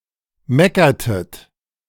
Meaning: inflection of meckern: 1. second-person plural preterite 2. second-person plural subjunctive II
- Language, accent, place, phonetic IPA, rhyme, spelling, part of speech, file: German, Germany, Berlin, [ˈmɛkɐtət], -ɛkɐtət, meckertet, verb, De-meckertet.ogg